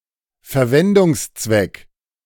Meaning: purpose, use, usage
- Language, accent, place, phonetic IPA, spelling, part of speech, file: German, Germany, Berlin, [fɛɐ̯ˈvɛndʊŋsˌt͡svɛk], Verwendungszweck, noun, De-Verwendungszweck.ogg